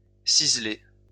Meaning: small pair of scissors
- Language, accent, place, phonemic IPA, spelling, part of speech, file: French, France, Lyon, /siz.lɛ/, ciselet, noun, LL-Q150 (fra)-ciselet.wav